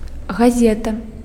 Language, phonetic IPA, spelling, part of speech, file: Belarusian, [ɣaˈzʲeta], газета, noun, Be-газета.ogg
- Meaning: newspaper